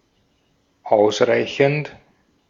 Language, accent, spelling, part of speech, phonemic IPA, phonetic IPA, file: German, Austria, ausreichend, verb / adjective / adverb, /ˈʔaʊ̯sˌʁaɪ̯çənt/, [ˈʔaʊ̯sˌʁaɪ̯çn̩t], De-at-ausreichend.ogg
- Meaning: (verb) present participle of ausreichen; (adjective) 1. sufficient, enough, adequate 2. being of an academic grade just above passing, D; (adverb) sufficiently, enough